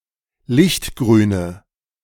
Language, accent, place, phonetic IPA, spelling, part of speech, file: German, Germany, Berlin, [ˈlɪçtˌɡʁyːnə], lichtgrüne, adjective, De-lichtgrüne.ogg
- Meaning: inflection of lichtgrün: 1. strong/mixed nominative/accusative feminine singular 2. strong nominative/accusative plural 3. weak nominative all-gender singular